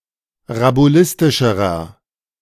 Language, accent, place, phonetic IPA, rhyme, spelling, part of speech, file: German, Germany, Berlin, [ʁabuˈlɪstɪʃəʁɐ], -ɪstɪʃəʁɐ, rabulistischerer, adjective, De-rabulistischerer.ogg
- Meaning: inflection of rabulistisch: 1. strong/mixed nominative masculine singular comparative degree 2. strong genitive/dative feminine singular comparative degree 3. strong genitive plural comparative degree